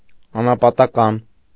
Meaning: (adjective) solitary, eremitical; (noun) hermit, anchorite
- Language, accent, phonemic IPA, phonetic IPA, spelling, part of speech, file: Armenian, Eastern Armenian, /ɑnɑpɑtɑˈkɑn/, [ɑnɑpɑtɑkɑ́n], անապատական, adjective / noun, Hy-անապատական.ogg